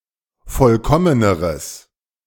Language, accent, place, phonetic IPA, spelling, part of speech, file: German, Germany, Berlin, [ˈfɔlkɔmənəʁəs], vollkommeneres, adjective, De-vollkommeneres.ogg
- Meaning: strong/mixed nominative/accusative neuter singular comparative degree of vollkommen